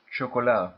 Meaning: alternative form of chocolade
- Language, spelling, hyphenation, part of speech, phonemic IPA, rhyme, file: Dutch, chocola, cho‧co‧la, noun, /ˌʃoː.koːˈlaː/, -aː, Nl-chocola.ogg